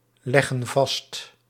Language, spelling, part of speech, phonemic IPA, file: Dutch, leggen vast, verb, /ˈlɛɣə(n) ˈvɑst/, Nl-leggen vast.ogg
- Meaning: inflection of vastleggen: 1. plural present indicative 2. plural present subjunctive